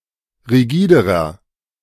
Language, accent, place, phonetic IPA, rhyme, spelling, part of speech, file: German, Germany, Berlin, [ʁiˈɡiːdəʁɐ], -iːdəʁɐ, rigiderer, adjective, De-rigiderer.ogg
- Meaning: inflection of rigide: 1. strong/mixed nominative masculine singular comparative degree 2. strong genitive/dative feminine singular comparative degree 3. strong genitive plural comparative degree